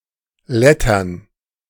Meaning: plural of Letter
- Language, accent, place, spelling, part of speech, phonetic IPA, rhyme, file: German, Germany, Berlin, Lettern, noun, [ˈlɛtɐn], -ɛtɐn, De-Lettern.ogg